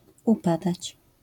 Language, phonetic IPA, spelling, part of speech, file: Polish, [uˈpadat͡ɕ], upadać, verb, LL-Q809 (pol)-upadać.wav